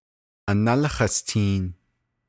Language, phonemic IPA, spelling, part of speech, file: Navajo, /ʔɑ̀nɑ́lɪ́ hɑ̀stìːn/, análí hastiin, noun, Nv-análí hastiin.ogg
- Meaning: paternal grandfather, as well as any of his brothers (paternal great-uncles)